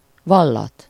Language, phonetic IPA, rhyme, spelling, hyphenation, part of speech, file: Hungarian, [ˈvɒlːɒt], -ɒt, vallat, val‧lat, verb, Hu-vallat.ogg
- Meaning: causative of vall: to interrogate, to grill